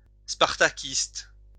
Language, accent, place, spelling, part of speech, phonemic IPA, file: French, France, Lyon, spartakiste, adjective / noun, /spaʁ.ta.kist/, LL-Q150 (fra)-spartakiste.wav
- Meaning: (adjective) Spartacist